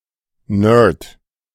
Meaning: nerd (a person, often very studious, with poor social skills)
- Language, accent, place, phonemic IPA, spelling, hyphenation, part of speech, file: German, Germany, Berlin, /nɜːd/, Nerd, Nerd, noun, De-Nerd.ogg